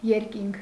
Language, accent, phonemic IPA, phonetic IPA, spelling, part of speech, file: Armenian, Eastern Armenian, /jeɾˈkinkʰ/, [jeɾkíŋkʰ], երկինք, noun, Hy-երկինք.ogg
- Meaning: 1. sky 2. heaven